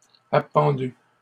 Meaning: past participle of appendre
- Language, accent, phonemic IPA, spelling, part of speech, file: French, Canada, /a.pɑ̃.dy/, appendu, verb, LL-Q150 (fra)-appendu.wav